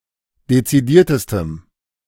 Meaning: strong dative masculine/neuter singular superlative degree of dezidiert
- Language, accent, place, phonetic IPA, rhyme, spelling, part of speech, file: German, Germany, Berlin, [det͡siˈdiːɐ̯təstəm], -iːɐ̯təstəm, dezidiertestem, adjective, De-dezidiertestem.ogg